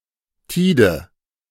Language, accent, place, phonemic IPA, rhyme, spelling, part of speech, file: German, Germany, Berlin, /ˈtiːdə/, -iːdə, Tide, noun, De-Tide.ogg
- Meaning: 1. tides (the periodic change of the sea level) 2. tide (one cycle of ebb and flood)